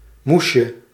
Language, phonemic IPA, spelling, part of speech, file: Dutch, /ˈmusjə/, moesje, noun, Nl-moesje.ogg
- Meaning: diminutive of moes; mom